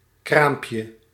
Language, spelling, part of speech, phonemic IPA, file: Dutch, kraampje, noun, /ˈkrampjə/, Nl-kraampje.ogg
- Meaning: diminutive of kraam